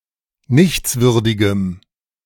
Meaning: strong dative masculine/neuter singular of nichtswürdig
- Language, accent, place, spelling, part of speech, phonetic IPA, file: German, Germany, Berlin, nichtswürdigem, adjective, [ˈnɪçt͡sˌvʏʁdɪɡəm], De-nichtswürdigem.ogg